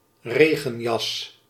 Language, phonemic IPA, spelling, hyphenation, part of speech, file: Dutch, /ˈreː.ɣə(n)ˌjɑs/, regenjas, re‧gen‧jas, noun, Nl-regenjas.ogg
- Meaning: raincoat